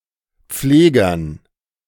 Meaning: dative plural of Pfleger
- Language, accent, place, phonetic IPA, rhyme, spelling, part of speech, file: German, Germany, Berlin, [ˈp͡fleːɡɐn], -eːɡɐn, Pflegern, noun, De-Pflegern.ogg